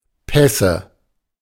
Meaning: nominative/accusative/genitive plural of Pass
- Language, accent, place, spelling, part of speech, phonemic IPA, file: German, Germany, Berlin, Pässe, noun, /ˈpɛsə/, De-Pässe.ogg